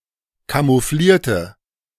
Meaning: inflection of camouflieren: 1. first/third-person singular preterite 2. first/third-person singular subjunctive II
- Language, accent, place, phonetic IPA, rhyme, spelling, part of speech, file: German, Germany, Berlin, [kamuˈfliːɐ̯tə], -iːɐ̯tə, camouflierte, adjective / verb, De-camouflierte.ogg